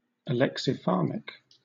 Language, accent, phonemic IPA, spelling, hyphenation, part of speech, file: English, Southern England, /əˌlɛksɪˈfɑːmɪk/, alexipharmic, alex‧i‧pharm‧ic, noun / adjective, LL-Q1860 (eng)-alexipharmic.wav
- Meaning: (noun) Synonym of alexipharmac (“a medical remedy for protecting the body, or an antidote, against harmful substances, especially a poison or venom (specifically, that of a snake)”); an antidote